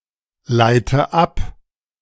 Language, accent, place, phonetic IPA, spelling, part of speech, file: German, Germany, Berlin, [ˌlaɪ̯tə ˈap], leite ab, verb, De-leite ab.ogg
- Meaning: inflection of ableiten: 1. first-person singular present 2. first/third-person singular subjunctive I 3. singular imperative